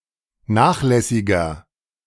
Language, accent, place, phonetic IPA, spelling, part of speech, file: German, Germany, Berlin, [ˈnaːxˌlɛsɪɡɐ], nachlässiger, adjective, De-nachlässiger.ogg
- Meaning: 1. comparative degree of nachlässig 2. inflection of nachlässig: strong/mixed nominative masculine singular 3. inflection of nachlässig: strong genitive/dative feminine singular